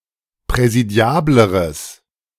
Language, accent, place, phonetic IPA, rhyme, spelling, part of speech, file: German, Germany, Berlin, [pʁɛziˈdi̯aːbləʁəs], -aːbləʁəs, präsidiableres, adjective, De-präsidiableres.ogg
- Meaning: strong/mixed nominative/accusative neuter singular comparative degree of präsidiabel